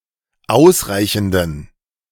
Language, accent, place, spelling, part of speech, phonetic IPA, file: German, Germany, Berlin, ausreichenden, adjective, [ˈaʊ̯sˌʁaɪ̯çn̩dən], De-ausreichenden.ogg
- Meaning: inflection of ausreichend: 1. strong genitive masculine/neuter singular 2. weak/mixed genitive/dative all-gender singular 3. strong/weak/mixed accusative masculine singular 4. strong dative plural